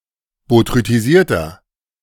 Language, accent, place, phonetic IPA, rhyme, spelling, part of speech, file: German, Germany, Berlin, [botʁytiˈziːɐ̯tɐ], -iːɐ̯tɐ, botrytisierter, adjective, De-botrytisierter.ogg
- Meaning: inflection of botrytisiert: 1. strong/mixed nominative masculine singular 2. strong genitive/dative feminine singular 3. strong genitive plural